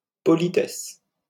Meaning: 1. politeness, courtesy 2. polite remark or action
- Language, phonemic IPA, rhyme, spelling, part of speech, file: French, /pɔ.li.tɛs/, -ɛs, politesse, noun, LL-Q150 (fra)-politesse.wav